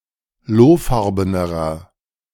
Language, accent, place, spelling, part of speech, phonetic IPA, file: German, Germany, Berlin, lohfarbenerer, adjective, [ˈloːˌfaʁbənəʁɐ], De-lohfarbenerer.ogg
- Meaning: inflection of lohfarben: 1. strong/mixed nominative masculine singular comparative degree 2. strong genitive/dative feminine singular comparative degree 3. strong genitive plural comparative degree